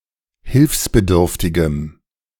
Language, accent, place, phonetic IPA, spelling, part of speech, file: German, Germany, Berlin, [ˈhɪlfsbəˌdʏʁftɪɡəm], hilfsbedürftigem, adjective, De-hilfsbedürftigem.ogg
- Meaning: strong dative masculine/neuter singular of hilfsbedürftig